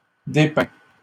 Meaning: inflection of dépeindre: 1. first/second-person singular present indicative 2. second-person singular imperative
- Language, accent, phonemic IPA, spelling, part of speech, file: French, Canada, /de.pɛ̃/, dépeins, verb, LL-Q150 (fra)-dépeins.wav